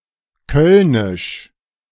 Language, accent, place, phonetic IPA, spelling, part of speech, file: German, Germany, Berlin, [ˈkœlnɪʃ], kölnisch, adjective, De-kölnisch.ogg
- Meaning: of Cologne (city in Germany)